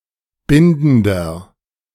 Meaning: inflection of bindend: 1. strong/mixed nominative masculine singular 2. strong genitive/dative feminine singular 3. strong genitive plural
- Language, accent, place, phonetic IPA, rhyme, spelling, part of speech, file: German, Germany, Berlin, [ˈbɪndn̩dɐ], -ɪndn̩dɐ, bindender, adjective, De-bindender.ogg